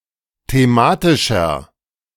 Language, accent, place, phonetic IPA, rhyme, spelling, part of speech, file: German, Germany, Berlin, [teˈmaːtɪʃɐ], -aːtɪʃɐ, thematischer, adjective, De-thematischer.ogg
- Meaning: inflection of thematisch: 1. strong/mixed nominative masculine singular 2. strong genitive/dative feminine singular 3. strong genitive plural